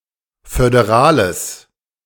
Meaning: strong/mixed nominative/accusative neuter singular of föderal
- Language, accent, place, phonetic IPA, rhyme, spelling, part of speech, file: German, Germany, Berlin, [fødeˈʁaːləs], -aːləs, föderales, adjective, De-föderales.ogg